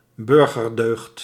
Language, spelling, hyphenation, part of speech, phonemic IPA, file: Dutch, burgerdeugd, bur‧ger‧deugd, noun, /ˈbʏr.ɣərˌdøːxt/, Nl-burgerdeugd.ogg
- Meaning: civic virtue (often with bourgeois connotations)